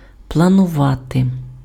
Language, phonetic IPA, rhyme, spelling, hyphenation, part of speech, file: Ukrainian, [pɫɐnʊˈʋate], -ate, планувати, пла‧ну‧ва‧ти, verb, Uk-планувати.ogg
- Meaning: to plan